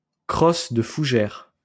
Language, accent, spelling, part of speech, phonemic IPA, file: French, France, crosse de fougère, noun, /kʁɔs də fu.ʒɛʁ/, LL-Q150 (fra)-crosse de fougère.wav
- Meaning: fiddlehead (tete de violin)